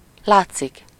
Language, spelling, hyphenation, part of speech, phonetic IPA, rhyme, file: Hungarian, látszik, lát‧szik, verb, [ˈlaːt͡sːik], -aːt͡sːik, Hu-látszik.ogg
- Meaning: 1. to be visible, to be able to be seen 2. to seem, to appear, to look like something (-nak/-nek)